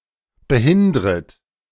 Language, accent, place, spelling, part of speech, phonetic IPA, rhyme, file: German, Germany, Berlin, behindret, verb, [bəˈhɪndʁət], -ɪndʁət, De-behindret.ogg
- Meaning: second-person plural subjunctive I of behindern